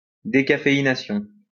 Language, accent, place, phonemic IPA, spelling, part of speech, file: French, France, Lyon, /de.ka.fe.i.na.sjɔ̃/, décaféination, noun, LL-Q150 (fra)-décaféination.wav
- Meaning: decaffeination